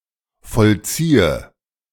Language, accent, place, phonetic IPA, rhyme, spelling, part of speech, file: German, Germany, Berlin, [fɔlˈt͡siːə], -iːə, vollziehe, verb, De-vollziehe.ogg
- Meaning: inflection of vollziehen: 1. first-person singular present 2. first/third-person singular subjunctive I 3. singular imperative